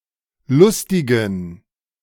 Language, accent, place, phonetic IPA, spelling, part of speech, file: German, Germany, Berlin, [ˈlʊstɪɡn̩], lustigen, adjective, De-lustigen.ogg
- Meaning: inflection of lustig: 1. strong genitive masculine/neuter singular 2. weak/mixed genitive/dative all-gender singular 3. strong/weak/mixed accusative masculine singular 4. strong dative plural